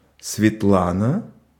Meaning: a female given name, Svetlana
- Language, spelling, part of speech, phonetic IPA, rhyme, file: Russian, Светлана, proper noun, [svʲɪtˈɫanə], -anə, Ru-Светлана.ogg